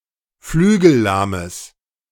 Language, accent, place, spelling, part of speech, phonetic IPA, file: German, Germany, Berlin, flügellahmes, adjective, [ˈflyːɡl̩ˌlaːməs], De-flügellahmes.ogg
- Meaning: strong/mixed nominative/accusative neuter singular of flügellahm